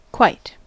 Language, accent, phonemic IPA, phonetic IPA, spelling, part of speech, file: English, US, /kwaɪ̯t/, [ˈkʰw̥aɪ̯t], quite, adverb / interjection, En-us-quite.ogg
- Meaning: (adverb) To the greatest extent or degree; completely, entirely.: 1. With verbs, especially past participles 2. With prepositional phrases and spatial adverbs 3. With predicative adjectives